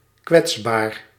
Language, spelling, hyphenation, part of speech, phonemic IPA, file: Dutch, kwetsbaar, kwets‧baar, adjective, /ˈkʋɛts.baːr/, Nl-kwetsbaar.ogg
- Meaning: vulnerable